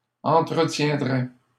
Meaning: third-person plural conditional of entretenir
- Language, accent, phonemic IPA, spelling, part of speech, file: French, Canada, /ɑ̃.tʁə.tjɛ̃.dʁɛ/, entretiendraient, verb, LL-Q150 (fra)-entretiendraient.wav